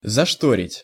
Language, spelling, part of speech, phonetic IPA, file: Russian, зашторить, verb, [zɐʂˈtorʲɪtʲ], Ru-зашторить.ogg
- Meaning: to close using a curtain